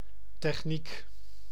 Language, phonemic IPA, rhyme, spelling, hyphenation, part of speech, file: Dutch, /tɛxˈnik/, -ik, techniek, tech‧niek, noun, Nl-techniek.ogg
- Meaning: 1. technique, technical skill 2. technics 3. technology